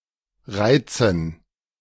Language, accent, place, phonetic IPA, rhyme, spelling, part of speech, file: German, Germany, Berlin, [ˈʁaɪ̯t͡sn̩], -aɪ̯t͡sn̩, Reizen, noun, De-Reizen.ogg
- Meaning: dative plural of Reiz